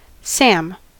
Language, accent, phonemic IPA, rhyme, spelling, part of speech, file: English, US, /ˈsæm/, -æm, Sam, proper noun / noun, En-us-Sam.ogg
- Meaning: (proper noun) 1. A diminutive of the male given names Samuel and Samson 2. A diminutive of the female given name Samantha 3. A surname from Cantonese, a romanization of 岑 (sam⁴) or 沈 (cam⁴ / zam³)